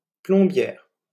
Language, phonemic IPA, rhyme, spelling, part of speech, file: French, /plɔ̃.bjɛʁ/, -ɛʁ, plombière, noun, LL-Q150 (fra)-plombière.wav
- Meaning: female equivalent of plombier